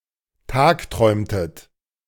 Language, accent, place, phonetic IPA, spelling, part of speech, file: German, Germany, Berlin, [ˈtaːkˌtʁɔɪ̯mtət], tagträumtet, verb, De-tagträumtet.ogg
- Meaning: inflection of tagträumen: 1. second-person plural preterite 2. second-person plural subjunctive II